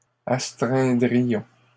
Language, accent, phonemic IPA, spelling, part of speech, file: French, Canada, /as.tʁɛ̃.dʁi.jɔ̃/, astreindrions, verb, LL-Q150 (fra)-astreindrions.wav
- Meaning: first-person plural conditional of astreindre